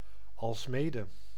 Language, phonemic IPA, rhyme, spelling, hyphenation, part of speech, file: Dutch, /ˌɑlsˈmeː.də/, -eːdə, alsmede, als‧me‧de, conjunction, Nl-alsmede.ogg
- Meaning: as well as